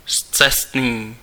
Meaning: misguided
- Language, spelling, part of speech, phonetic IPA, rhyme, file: Czech, scestný, adjective, [ˈst͡sɛstniː], -ɛstniː, Cs-scestný.ogg